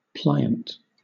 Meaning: 1. Capable of plying or bending; readily yielding to force or pressure without breaking 2. Easily influenced; tractable
- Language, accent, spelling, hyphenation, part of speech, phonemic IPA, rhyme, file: English, Southern England, pliant, pli‧ant, adjective, /ˈplaɪənt/, -aɪənt, LL-Q1860 (eng)-pliant.wav